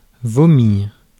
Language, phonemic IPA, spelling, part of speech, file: French, /vɔ.miʁ/, vomir, verb, Fr-vomir.ogg
- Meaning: to vomit